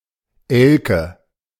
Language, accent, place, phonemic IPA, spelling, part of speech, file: German, Germany, Berlin, /ɛl.kə/, Elke, proper noun, De-Elke.ogg
- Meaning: a diminutive of the female given name Adelheid, from Low German or West Frisian, popular in the mid-twentieth century